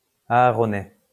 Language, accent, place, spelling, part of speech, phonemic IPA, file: French, France, Lyon, aaronais, adjective, /a.a.ʁɔ.nɛ/, LL-Q150 (fra)-aaronais.wav
- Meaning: of Saint-Aaron